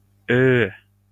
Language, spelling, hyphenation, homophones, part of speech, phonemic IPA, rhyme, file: Norwegian Bokmål, ø, ø, Ø, character / noun, /øː/, -øː, LL-Q9043 (nor)-ø.wav
- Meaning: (character) The twenty-eighth letter of the Norwegian Bokmål alphabet, written in the Latin script